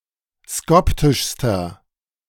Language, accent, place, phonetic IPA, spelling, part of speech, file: German, Germany, Berlin, [ˈskɔptɪʃstɐ], skoptischster, adjective, De-skoptischster.ogg
- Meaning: inflection of skoptisch: 1. strong/mixed nominative masculine singular superlative degree 2. strong genitive/dative feminine singular superlative degree 3. strong genitive plural superlative degree